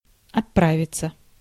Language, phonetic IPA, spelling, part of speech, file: Russian, [ɐtˈpravʲɪt͡sə], отправиться, verb, Ru-отправиться.ogg
- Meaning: 1. to depart, to set off (to leave) 2. passive of отпра́вить (otprávitʹ)